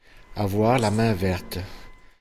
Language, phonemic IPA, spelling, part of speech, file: French, /a.vwaʁ la mɛ̃ vɛʁt/, avoir la main verte, verb, Fr-avoir la main verte.ogg
- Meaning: to have a green thumb, to have green fingers, to be green-fingered